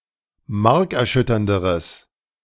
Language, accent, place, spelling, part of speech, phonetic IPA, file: German, Germany, Berlin, markerschütternderes, adjective, [ˈmaʁkɛɐ̯ˌʃʏtɐndəʁəs], De-markerschütternderes.ogg
- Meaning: strong/mixed nominative/accusative neuter singular comparative degree of markerschütternd